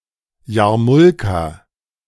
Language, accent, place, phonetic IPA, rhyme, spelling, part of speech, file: German, Germany, Berlin, [ˈjaːɐ̯ˌmʊlka], -ʊlka, Jarmulka, noun, De-Jarmulka.ogg
- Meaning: plural of Jarmulke